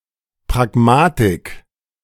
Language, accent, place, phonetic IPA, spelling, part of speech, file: German, Germany, Berlin, [pʁaɡˈmaːtɪk], Pragmatik, noun, De-Pragmatik.ogg
- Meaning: pragmatics